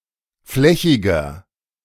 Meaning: 1. comparative degree of flächig 2. inflection of flächig: strong/mixed nominative masculine singular 3. inflection of flächig: strong genitive/dative feminine singular
- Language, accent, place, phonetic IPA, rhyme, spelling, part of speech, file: German, Germany, Berlin, [ˈflɛçɪɡɐ], -ɛçɪɡɐ, flächiger, adjective, De-flächiger.ogg